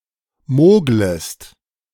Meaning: second-person singular subjunctive I of mogeln
- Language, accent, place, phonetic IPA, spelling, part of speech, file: German, Germany, Berlin, [ˈmoːɡləst], moglest, verb, De-moglest.ogg